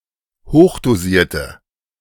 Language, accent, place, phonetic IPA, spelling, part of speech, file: German, Germany, Berlin, [ˈhoːxdoˌziːɐ̯tə], hochdosierte, adjective, De-hochdosierte.ogg
- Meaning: inflection of hochdosiert: 1. strong/mixed nominative/accusative feminine singular 2. strong nominative/accusative plural 3. weak nominative all-gender singular